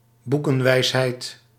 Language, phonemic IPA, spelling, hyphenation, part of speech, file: Dutch, /ˈbu.kə(n)ˌʋɛi̯s.ɦɛi̯t/, boekenwijsheid, boe‧ken‧wijs‧heid, noun, Nl-boekenwijsheid.ogg
- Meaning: 1. book knowledge 2. a wisdom derived from books